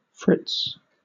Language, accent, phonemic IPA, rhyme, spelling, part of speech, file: English, Southern England, /fɹɪts/, -ɪts, Fritz, noun / proper noun, LL-Q1860 (eng)-Fritz.wav
- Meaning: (noun) A German person, usually male; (proper noun) 1. A name used to represent the German people (particularly the German armed forces) as a group 2. A diminutive of the male given name Friedrich